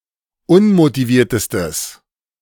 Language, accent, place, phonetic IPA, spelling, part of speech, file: German, Germany, Berlin, [ˈʊnmotiˌviːɐ̯təstəs], unmotiviertestes, adjective, De-unmotiviertestes.ogg
- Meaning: strong/mixed nominative/accusative neuter singular superlative degree of unmotiviert